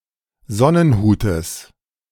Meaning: genitive singular of Sonnenhut
- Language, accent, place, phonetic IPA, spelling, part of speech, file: German, Germany, Berlin, [ˈzɔnənˌhuːtəs], Sonnenhutes, noun, De-Sonnenhutes.ogg